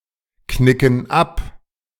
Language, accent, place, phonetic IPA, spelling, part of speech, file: German, Germany, Berlin, [ˌknɪkn̩ ˈap], knicken ab, verb, De-knicken ab.ogg
- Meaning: inflection of abknicken: 1. first/third-person plural present 2. first/third-person plural subjunctive I